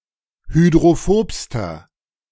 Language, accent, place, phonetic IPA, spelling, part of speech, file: German, Germany, Berlin, [hydʁoˈfoːpstɐ], hydrophobster, adjective, De-hydrophobster.ogg
- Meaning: inflection of hydrophob: 1. strong/mixed nominative masculine singular superlative degree 2. strong genitive/dative feminine singular superlative degree 3. strong genitive plural superlative degree